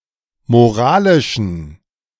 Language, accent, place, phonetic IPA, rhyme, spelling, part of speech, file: German, Germany, Berlin, [moˈʁaːlɪʃn̩], -aːlɪʃn̩, moralischen, adjective, De-moralischen.ogg
- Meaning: inflection of moralisch: 1. strong genitive masculine/neuter singular 2. weak/mixed genitive/dative all-gender singular 3. strong/weak/mixed accusative masculine singular 4. strong dative plural